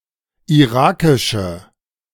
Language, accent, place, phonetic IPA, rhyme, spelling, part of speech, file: German, Germany, Berlin, [iˈʁaːkɪʃə], -aːkɪʃə, irakische, adjective, De-irakische.ogg
- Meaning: inflection of irakisch: 1. strong/mixed nominative/accusative feminine singular 2. strong nominative/accusative plural 3. weak nominative all-gender singular